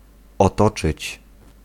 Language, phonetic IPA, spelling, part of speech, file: Polish, [ɔˈtɔt͡ʃɨt͡ɕ], otoczyć, verb, Pl-otoczyć.ogg